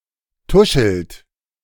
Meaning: inflection of tuscheln: 1. second-person plural present 2. third-person singular present 3. plural imperative
- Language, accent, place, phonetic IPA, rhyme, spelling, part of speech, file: German, Germany, Berlin, [ˈtʊʃl̩t], -ʊʃl̩t, tuschelt, verb, De-tuschelt.ogg